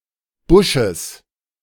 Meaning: genitive singular of Busch
- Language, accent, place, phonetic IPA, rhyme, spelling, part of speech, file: German, Germany, Berlin, [ˈbʊʃəs], -ʊʃəs, Busches, noun, De-Busches.ogg